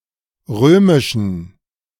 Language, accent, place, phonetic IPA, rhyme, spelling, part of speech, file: German, Germany, Berlin, [ˈʁøːmɪʃn̩], -øːmɪʃn̩, römischen, adjective, De-römischen.ogg
- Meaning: inflection of römisch: 1. strong genitive masculine/neuter singular 2. weak/mixed genitive/dative all-gender singular 3. strong/weak/mixed accusative masculine singular 4. strong dative plural